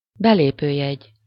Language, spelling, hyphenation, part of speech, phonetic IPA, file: Hungarian, belépőjegy, be‧lé‧pő‧jegy, noun, [ˈbɛleːpøːjɛɟ], Hu-belépőjegy.ogg
- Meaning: entry ticket